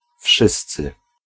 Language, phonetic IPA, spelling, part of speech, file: Polish, [ˈfʃɨst͡sɨ], wszyscy, pronoun, Pl-wszyscy.ogg